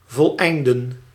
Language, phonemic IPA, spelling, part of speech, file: Dutch, /vɔlˈɛi̯ndə(n)/, voleinden, verb, Nl-voleinden.ogg
- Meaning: to complete, to finish